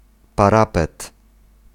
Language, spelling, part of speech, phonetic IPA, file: Polish, parapet, noun, [paˈrapɛt], Pl-parapet.ogg